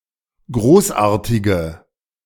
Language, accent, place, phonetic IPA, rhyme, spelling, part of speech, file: German, Germany, Berlin, [ˈɡʁoːsˌʔaːɐ̯tɪɡə], -oːsʔaːɐ̯tɪɡə, großartige, adjective, De-großartige.ogg
- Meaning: inflection of großartig: 1. strong/mixed nominative/accusative feminine singular 2. strong nominative/accusative plural 3. weak nominative all-gender singular